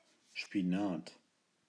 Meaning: spinach
- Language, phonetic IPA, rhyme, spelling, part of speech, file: German, [ʃpiˈnaːt], -aːt, Spinat, noun, De-Spinat.ogg